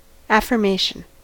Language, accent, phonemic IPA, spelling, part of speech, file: English, US, /æfɝˈmeɪʃn/, affirmation, noun, En-us-affirmation.ogg
- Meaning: That which is affirmed; a declaration that something is true